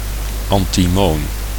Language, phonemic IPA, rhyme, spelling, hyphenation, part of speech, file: Dutch, /ˌɑn.tiˈmoːn/, -oːn, antimoon, an‧ti‧moon, noun, Nl-antimoon.ogg
- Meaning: the metallic chemical element antimony